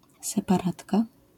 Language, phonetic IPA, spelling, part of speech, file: Polish, [ˌsɛpaˈratka], separatka, noun, LL-Q809 (pol)-separatka.wav